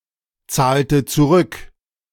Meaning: inflection of zurückzahlen: 1. first/third-person singular preterite 2. first/third-person singular subjunctive II
- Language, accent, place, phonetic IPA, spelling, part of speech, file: German, Germany, Berlin, [ˌt͡saːltə t͡suˈʁʏk], zahlte zurück, verb, De-zahlte zurück.ogg